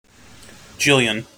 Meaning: An unspecified large number (of)
- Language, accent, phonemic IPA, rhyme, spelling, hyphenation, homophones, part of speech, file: English, General American, /ˈd͡ʒɪljən/, -ɪljən, jillion, jil‧lion, gillion / Gillian / Jillian stripped-by-parse_pron_post_template_fn, noun, En-us-jillion.mp3